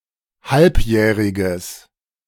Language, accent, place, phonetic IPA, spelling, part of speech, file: German, Germany, Berlin, [ˈhalpˌjɛːʁɪɡəs], halbjähriges, adjective, De-halbjähriges.ogg
- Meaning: strong/mixed nominative/accusative neuter singular of halbjährig